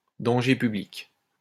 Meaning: 1. danger to the public, danger to everybody, public menace 2. danger to the public, danger to everybody, public menace: reckless driver
- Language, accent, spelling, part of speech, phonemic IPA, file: French, France, danger public, noun, /dɑ̃.ʒe py.blik/, LL-Q150 (fra)-danger public.wav